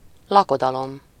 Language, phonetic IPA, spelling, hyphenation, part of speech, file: Hungarian, [ˈlɒkodɒlom], lakodalom, la‧ko‧da‧lom, noun, Hu-lakodalom.ogg
- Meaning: wedding